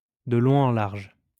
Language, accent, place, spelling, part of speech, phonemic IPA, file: French, France, Lyon, de long en large, adverb, /də lɔ̃ ɑ̃ laʁʒ/, LL-Q150 (fra)-de long en large.wav
- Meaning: back and forth, to and fro